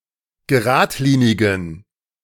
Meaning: inflection of geradlinig: 1. strong genitive masculine/neuter singular 2. weak/mixed genitive/dative all-gender singular 3. strong/weak/mixed accusative masculine singular 4. strong dative plural
- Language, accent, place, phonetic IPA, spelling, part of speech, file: German, Germany, Berlin, [ɡəˈʁaːtˌliːnɪɡn̩], geradlinigen, adjective, De-geradlinigen.ogg